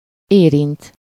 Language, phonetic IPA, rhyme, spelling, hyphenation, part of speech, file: Hungarian, [ˈeːrint], -int, érint, érint, verb, Hu-érint.ogg
- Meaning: 1. to touch 2. to affect, concern